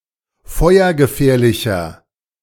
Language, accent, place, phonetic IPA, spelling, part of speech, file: German, Germany, Berlin, [ˈfɔɪ̯ɐɡəˌfɛːɐ̯lɪçɐ], feuergefährlicher, adjective, De-feuergefährlicher.ogg
- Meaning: inflection of feuergefährlich: 1. strong/mixed nominative masculine singular 2. strong genitive/dative feminine singular 3. strong genitive plural